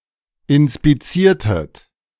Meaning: inflection of inspizieren: 1. second-person plural preterite 2. second-person plural subjunctive II
- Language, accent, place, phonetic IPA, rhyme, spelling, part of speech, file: German, Germany, Berlin, [ɪnspiˈt͡siːɐ̯tət], -iːɐ̯tət, inspiziertet, verb, De-inspiziertet.ogg